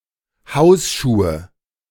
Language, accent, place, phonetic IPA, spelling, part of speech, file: German, Germany, Berlin, [ˈhaʊ̯sˌʃuːə], Hausschuhe, noun, De-Hausschuhe.ogg
- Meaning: nominative/accusative/genitive plural of Hausschuh